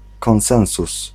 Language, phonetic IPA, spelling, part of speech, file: Polish, [kɔ̃w̃ˈsɛ̃w̃sus], konsensus, noun, Pl-konsensus.ogg